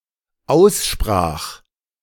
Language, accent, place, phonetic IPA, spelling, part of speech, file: German, Germany, Berlin, [ˈaʊ̯sˌʃpʁaːx], aussprach, verb, De-aussprach.ogg
- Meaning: first/third-person singular dependent preterite of aussprechen